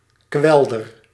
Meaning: tidal salt marsh
- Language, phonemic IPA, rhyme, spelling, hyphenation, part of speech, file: Dutch, /ˈkʋɛl.dər/, -ɛldər, kwelder, kwel‧der, noun, Nl-kwelder.ogg